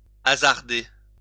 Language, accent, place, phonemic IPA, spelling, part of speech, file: French, France, Lyon, /a.zaʁ.de/, hasarder, verb, LL-Q150 (fra)-hasarder.wav
- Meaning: to hazard